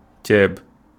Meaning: rice
- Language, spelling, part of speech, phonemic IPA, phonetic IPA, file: Wolof, ceeb, noun, /cɛːb/, [cɛːp], Wo-ceeb.ogg